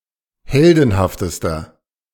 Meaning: inflection of heldenhaft: 1. strong/mixed nominative masculine singular superlative degree 2. strong genitive/dative feminine singular superlative degree 3. strong genitive plural superlative degree
- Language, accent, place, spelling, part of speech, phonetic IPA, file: German, Germany, Berlin, heldenhaftester, adjective, [ˈhɛldn̩haftəstɐ], De-heldenhaftester.ogg